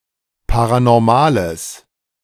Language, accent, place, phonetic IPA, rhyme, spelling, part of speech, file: German, Germany, Berlin, [ˌpaʁanɔʁˈmaːləs], -aːləs, paranormales, adjective, De-paranormales.ogg
- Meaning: strong/mixed nominative/accusative neuter singular of paranormal